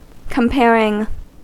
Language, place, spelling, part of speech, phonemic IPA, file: English, California, comparing, verb, /kəmˈpɛɹ.ɪŋ/, En-us-comparing.ogg
- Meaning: present participle and gerund of compare